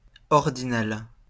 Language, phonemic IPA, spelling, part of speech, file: French, /ɔʁ.di.nal/, ordinal, adjective, LL-Q150 (fra)-ordinal.wav
- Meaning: ordinal